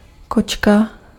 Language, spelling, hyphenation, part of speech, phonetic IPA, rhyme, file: Czech, kočka, koč‧ka, noun, [ˈkot͡ʃka], -otʃka, Cs-kočka.ogg
- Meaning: 1. cat (domestic animal) 2. attractive woman